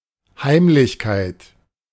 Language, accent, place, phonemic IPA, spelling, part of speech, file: German, Germany, Berlin, /ˈhaɪ̯mlɪçkaɪ̯t/, Heimlichkeit, noun, De-Heimlichkeit.ogg
- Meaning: 1. secrecy, furtiveness 2. secret 3. silence, calm